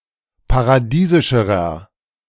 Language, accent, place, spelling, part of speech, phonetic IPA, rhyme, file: German, Germany, Berlin, paradiesischerer, adjective, [paʁaˈdiːzɪʃəʁɐ], -iːzɪʃəʁɐ, De-paradiesischerer.ogg
- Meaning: inflection of paradiesisch: 1. strong/mixed nominative masculine singular comparative degree 2. strong genitive/dative feminine singular comparative degree 3. strong genitive plural comparative degree